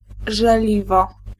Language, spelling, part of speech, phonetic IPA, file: Polish, żeliwo, noun, [ʒɛˈlʲivɔ], Pl-żeliwo.ogg